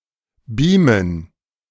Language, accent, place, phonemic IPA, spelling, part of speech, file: German, Germany, Berlin, /ˈbiːmən/, beamen, verb, De-beamen.ogg
- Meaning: 1. to beam (transmit matter or information via a high-tech wireless mechanism) 2. to teleport 3. to project with a video projector